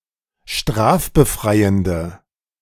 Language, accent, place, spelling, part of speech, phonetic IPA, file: German, Germany, Berlin, strafbefreiende, adjective, [ˈʃtʁaːfbəˌfʁaɪ̯əndə], De-strafbefreiende.ogg
- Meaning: inflection of strafbefreiend: 1. strong/mixed nominative/accusative feminine singular 2. strong nominative/accusative plural 3. weak nominative all-gender singular